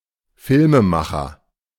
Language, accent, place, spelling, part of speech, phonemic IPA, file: German, Germany, Berlin, Filmemacher, noun, /ˈfɪlməˌmaxɐ/, De-Filmemacher.ogg
- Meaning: filmmaker